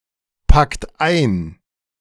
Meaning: inflection of einpacken: 1. third-person singular present 2. second-person plural present 3. plural imperative
- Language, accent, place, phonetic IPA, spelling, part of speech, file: German, Germany, Berlin, [ˌpakt ˈaɪ̯n], packt ein, verb, De-packt ein.ogg